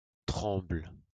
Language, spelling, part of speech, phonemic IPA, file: French, tremble, noun / verb, /tʁɑ̃bl/, LL-Q150 (fra)-tremble.wav
- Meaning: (noun) aspen; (verb) inflection of trembler: 1. first/third-person singular present indicative/subjunctive 2. second-person singular imperative